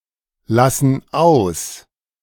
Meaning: inflection of auslassen: 1. first/third-person plural present 2. first/third-person plural subjunctive I
- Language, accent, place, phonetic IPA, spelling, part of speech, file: German, Germany, Berlin, [ˌlasn̩ ˈaʊ̯s], lassen aus, verb, De-lassen aus.ogg